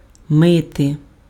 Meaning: to wash (body parts, cutlery and other objects but not clothes: see пра́ти)
- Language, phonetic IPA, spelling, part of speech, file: Ukrainian, [ˈmɪte], мити, verb, Uk-мити.ogg